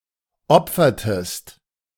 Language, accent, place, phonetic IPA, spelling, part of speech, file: German, Germany, Berlin, [ˈɔp͡fɐtəst], opfertest, verb, De-opfertest.ogg
- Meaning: inflection of opfern: 1. second-person singular preterite 2. second-person singular subjunctive II